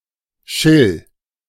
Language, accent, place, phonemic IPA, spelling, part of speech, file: German, Germany, Berlin, /ʃɪl/, Schill, noun, De-Schill.ogg
- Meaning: zander (Sander lucioperca)